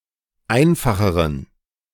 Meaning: inflection of einfach: 1. strong genitive masculine/neuter singular comparative degree 2. weak/mixed genitive/dative all-gender singular comparative degree
- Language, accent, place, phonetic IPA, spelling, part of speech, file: German, Germany, Berlin, [ˈaɪ̯nfaxəʁən], einfacheren, adjective, De-einfacheren.ogg